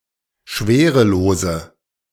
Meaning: inflection of schwerelos: 1. strong/mixed nominative/accusative feminine singular 2. strong nominative/accusative plural 3. weak nominative all-gender singular
- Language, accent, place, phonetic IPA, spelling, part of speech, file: German, Germany, Berlin, [ˈʃveːʁəˌloːzə], schwerelose, adjective, De-schwerelose.ogg